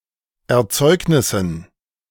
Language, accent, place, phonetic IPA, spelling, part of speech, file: German, Germany, Berlin, [ɛɐ̯ˈt͡sɔɪ̯knɪsn̩], Erzeugnissen, noun, De-Erzeugnissen.ogg
- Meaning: dative plural of Erzeugnis